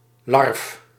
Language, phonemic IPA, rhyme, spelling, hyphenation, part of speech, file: Dutch, /lɑrf/, -ɑrf, larf, larf, noun, Nl-larf.ogg
- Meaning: alternative form of larve